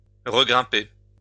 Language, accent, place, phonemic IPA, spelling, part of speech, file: French, France, Lyon, /ʁə.ɡʁɛ̃.pe/, regrimper, verb, LL-Q150 (fra)-regrimper.wav
- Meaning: to reclimb (climb back up)